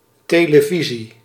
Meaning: television
- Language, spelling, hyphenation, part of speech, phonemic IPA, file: Dutch, televisie, te‧le‧vi‧sie, noun, /teːləˈvizi/, Nl-televisie.ogg